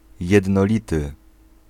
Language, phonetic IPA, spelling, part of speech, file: Polish, [ˌjɛdnɔˈlʲitɨ], jednolity, adjective, Pl-jednolity.ogg